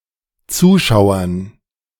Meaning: dative plural of Zuschauer
- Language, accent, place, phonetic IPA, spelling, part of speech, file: German, Germany, Berlin, [ˈt͡suːˌʃaʊ̯ɐn], Zuschauern, noun, De-Zuschauern.ogg